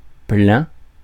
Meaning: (adjective) 1. full, full up 2. plenty 3. solid 4. full 5. mid-; middle 6. pregnant; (adverb) 1. due 2. a lot, lots of, many; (noun) 1. full tank (of gas) 2. downstroke (of a letter)
- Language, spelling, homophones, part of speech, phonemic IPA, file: French, plein, plains / plaint / plaints / pleins, adjective / adverb / noun / preposition, /plɛ̃/, Fr-plein.ogg